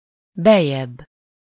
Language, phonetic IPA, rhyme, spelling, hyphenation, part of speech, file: Hungarian, [ˈbɛjːɛbː], -ɛbː, beljebb, bel‧jebb, adverb, Hu-beljebb.ogg
- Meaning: 1. comparative degree of be: further in (further inwards) 2. comparative degree of belül: further inside 3. comparative degree of benn or bent: further inside